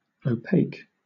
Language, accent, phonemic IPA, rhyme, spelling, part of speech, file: English, Southern England, /əʊˈpeɪk/, -eɪk, opaque, adjective / noun / verb, LL-Q1860 (eng)-opaque.wav
- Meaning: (adjective) 1. Neither reflecting nor emitting light 2. Allowing little light to pass through, not translucent or transparent 3. Unclear, unintelligible, hard to get or explain the meaning of